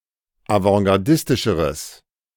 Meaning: strong/mixed nominative/accusative neuter singular comparative degree of avantgardistisch
- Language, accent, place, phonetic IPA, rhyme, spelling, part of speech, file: German, Germany, Berlin, [avɑ̃ɡaʁˈdɪstɪʃəʁəs], -ɪstɪʃəʁəs, avantgardistischeres, adjective, De-avantgardistischeres.ogg